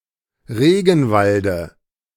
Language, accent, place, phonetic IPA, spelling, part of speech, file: German, Germany, Berlin, [ˈʁeːɡn̩ˌvaldə], Regenwalde, noun, De-Regenwalde.ogg
- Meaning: dative of Regenwald